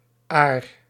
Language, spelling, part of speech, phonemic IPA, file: Dutch, -aar, suffix, /aːr/, Nl--aar.ogg